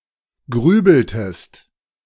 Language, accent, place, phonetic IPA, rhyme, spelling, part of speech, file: German, Germany, Berlin, [ˈɡʁyːbl̩təst], -yːbl̩təst, grübeltest, verb, De-grübeltest.ogg
- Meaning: inflection of grübeln: 1. second-person singular preterite 2. second-person singular subjunctive II